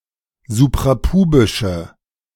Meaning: inflection of suprapubisch: 1. strong/mixed nominative/accusative feminine singular 2. strong nominative/accusative plural 3. weak nominative all-gender singular
- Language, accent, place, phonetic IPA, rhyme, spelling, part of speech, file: German, Germany, Berlin, [zupʁaˈpuːbɪʃə], -uːbɪʃə, suprapubische, adjective, De-suprapubische.ogg